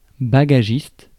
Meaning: baggage handler
- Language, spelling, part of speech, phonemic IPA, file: French, bagagiste, noun, /ba.ɡa.ʒist/, Fr-bagagiste.ogg